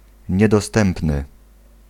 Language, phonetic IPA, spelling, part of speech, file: Polish, [ˌɲɛdɔˈstɛ̃mpnɨ], niedostępny, adjective, Pl-niedostępny.ogg